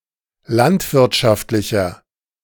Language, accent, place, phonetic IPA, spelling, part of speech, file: German, Germany, Berlin, [ˈlantvɪʁtʃaftlɪçɐ], landwirtschaftlicher, adjective, De-landwirtschaftlicher.ogg
- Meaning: inflection of landwirtschaftlich: 1. strong/mixed nominative masculine singular 2. strong genitive/dative feminine singular 3. strong genitive plural